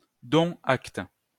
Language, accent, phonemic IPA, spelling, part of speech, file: French, France, /dɔ̃.t‿akt/, dont acte, phrase, LL-Q150 (fra)-dont acte.wav
- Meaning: 1. Used at the end of contracts, agreements, etc., to affirm that the parties and/or relevant officials have formally taken note of the contents 2. Take note; heed this; govern yourselves accordingly